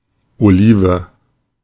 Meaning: 1. olive (fruit) 2. olive (tree)
- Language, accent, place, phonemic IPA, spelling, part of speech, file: German, Germany, Berlin, /oˈliːvə/, Olive, noun, De-Olive.ogg